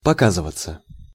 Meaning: 1. to show oneself, to come in sight, to appear 2. to show up, to appear 3. passive of пока́зывать (pokázyvatʹ)
- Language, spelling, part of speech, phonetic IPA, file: Russian, показываться, verb, [pɐˈkazɨvət͡sə], Ru-показываться.ogg